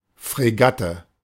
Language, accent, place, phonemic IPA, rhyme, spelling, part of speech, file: German, Germany, Berlin, /fʁeˈɡatə/, -atə, Fregatte, noun, De-Fregatte.ogg
- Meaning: frigate